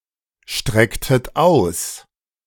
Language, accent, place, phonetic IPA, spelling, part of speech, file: German, Germany, Berlin, [ˌʃtʁɛktət ˈaʊ̯s], strecktet aus, verb, De-strecktet aus.ogg
- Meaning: inflection of ausstrecken: 1. second-person plural preterite 2. second-person plural subjunctive II